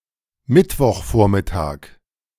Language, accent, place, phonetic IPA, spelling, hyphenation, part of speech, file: German, Germany, Berlin, [ˈmɪtvɔχˌfoːɐ̯mɪtaːk], Mittwochvormittag, Mitt‧woch‧vor‧mit‧tag, noun, De-Mittwochvormittag.ogg
- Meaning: Wednesday morning (time before noon)